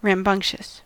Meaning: Boisterous, energetic, noisy, and difficult to control
- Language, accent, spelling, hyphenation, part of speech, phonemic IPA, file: English, General American, rambunctious, ram‧bunct‧ious, adjective, /ɹæmˈbʌŋ(k)ʃəs/, En-us-rambunctious.ogg